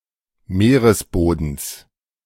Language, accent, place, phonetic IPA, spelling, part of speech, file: German, Germany, Berlin, [ˈmeːʁəsˌboːdn̩s], Meeresbodens, noun, De-Meeresbodens.ogg
- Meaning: genitive singular of Meeresboden